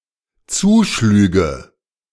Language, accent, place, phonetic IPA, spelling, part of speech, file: German, Germany, Berlin, [ˈt͡suːˌʃlyːɡə], zuschlüge, verb, De-zuschlüge.ogg
- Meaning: first/third-person singular dependent subjunctive II of zuschlagen